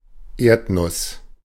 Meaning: 1. peanut, goober (Arachis hypogaea plant and produce) 2. tiger nut, chufa (Cyperus esculentus plant and produce) 3. earthnut pea (Lathyrus tuberosus plant and produce)
- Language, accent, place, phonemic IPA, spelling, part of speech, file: German, Germany, Berlin, /ˈeːɐ̯tnʊs/, Erdnuss, noun, De-Erdnuss.ogg